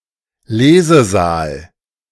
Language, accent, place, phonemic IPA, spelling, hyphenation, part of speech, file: German, Germany, Berlin, /ˈleːzəˌzaːl/, Lesesaal, Le‧se‧saal, noun, De-Lesesaal.ogg
- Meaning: reading room